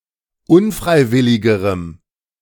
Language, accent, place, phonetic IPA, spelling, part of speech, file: German, Germany, Berlin, [ˈʊnˌfʁaɪ̯ˌvɪlɪɡəʁəm], unfreiwilligerem, adjective, De-unfreiwilligerem.ogg
- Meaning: strong dative masculine/neuter singular comparative degree of unfreiwillig